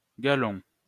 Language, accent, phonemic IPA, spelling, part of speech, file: French, France, /ɡa.lɔ̃/, galon, noun, LL-Q150 (fra)-galon.wav
- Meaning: 1. braid 2. stripe